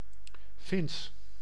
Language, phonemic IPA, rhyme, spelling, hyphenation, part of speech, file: Dutch, /fɪns/, -ɪns, Fins, Fins, adjective / proper noun, Nl-Fins.ogg
- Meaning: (adjective) Finnish; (proper noun) Finnish (language)